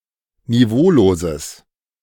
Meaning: strong/mixed nominative/accusative neuter singular of niveaulos
- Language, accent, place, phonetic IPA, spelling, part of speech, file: German, Germany, Berlin, [niˈvoːloːzəs], niveauloses, adjective, De-niveauloses.ogg